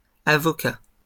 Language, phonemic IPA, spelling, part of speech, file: French, /a.vɔ.ka/, avocats, noun, LL-Q150 (fra)-avocats.wav
- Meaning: plural of avocat